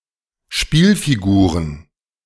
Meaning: plural of Spielfigur
- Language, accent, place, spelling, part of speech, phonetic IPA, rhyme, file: German, Germany, Berlin, Spielfiguren, noun, [ˈʃpiːlfiˌɡuːʁən], -iːlfiɡuːʁən, De-Spielfiguren.ogg